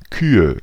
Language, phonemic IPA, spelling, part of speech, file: German, /ˈkyːə/, Kühe, noun, De-Kühe.ogg
- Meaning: 1. nominative plural of Kuh 2. accusative plural of Kuh 3. genitive plural of Kuh